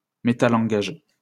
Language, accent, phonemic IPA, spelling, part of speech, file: French, France, /me.ta.lɑ̃.ɡaʒ/, métalangage, noun, LL-Q150 (fra)-métalangage.wav
- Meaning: metalanguage